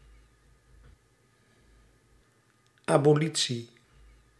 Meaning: 1. the prevention or abrogation of a prosecution procedure by means of a law 2. abolition, annulment, abolishing
- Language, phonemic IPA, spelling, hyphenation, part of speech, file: Dutch, /ˌɑ.boːˈli(t).si/, abolitie, abo‧li‧tie, noun, Nl-abolitie.ogg